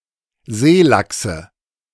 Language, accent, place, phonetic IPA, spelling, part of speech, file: German, Germany, Berlin, [ˈzeːˌlaksə], Seelachse, noun, De-Seelachse.ogg
- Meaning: nominative/accusative/genitive plural of Seelachs